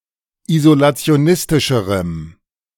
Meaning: strong dative masculine/neuter singular comparative degree of isolationistisch
- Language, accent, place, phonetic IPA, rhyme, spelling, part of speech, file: German, Germany, Berlin, [izolat͡si̯oˈnɪstɪʃəʁəm], -ɪstɪʃəʁəm, isolationistischerem, adjective, De-isolationistischerem.ogg